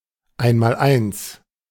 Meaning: 1. multiplication table; times table 2. basic knowledge; 101
- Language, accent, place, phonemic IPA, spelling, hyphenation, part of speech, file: German, Germany, Berlin, /ˈaɪ̯(n).ma(ː)lˈaɪ̯ns/, Einmaleins, Ein‧mal‧eins, noun, De-Einmaleins.ogg